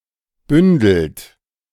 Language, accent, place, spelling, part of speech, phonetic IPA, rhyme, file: German, Germany, Berlin, bündelt, verb, [ˈbʏndl̩t], -ʏndl̩t, De-bündelt.ogg
- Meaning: inflection of bündeln: 1. third-person singular present 2. second-person plural present 3. plural imperative